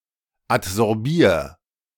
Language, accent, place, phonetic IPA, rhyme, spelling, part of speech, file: German, Germany, Berlin, [atzɔʁˈbiːɐ̯], -iːɐ̯, adsorbier, verb, De-adsorbier.ogg
- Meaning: 1. singular imperative of adsorbieren 2. first-person singular present of adsorbieren